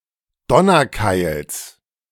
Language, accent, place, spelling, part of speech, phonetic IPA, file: German, Germany, Berlin, Donnerkeils, noun, [ˈdɔnɐˌkaɪ̯ls], De-Donnerkeils.ogg
- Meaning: genitive singular of Donnerkeil